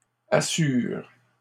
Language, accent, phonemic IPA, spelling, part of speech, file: French, Canada, /a.syʁ/, assures, verb, LL-Q150 (fra)-assures.wav
- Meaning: second-person singular present indicative/subjunctive of assurer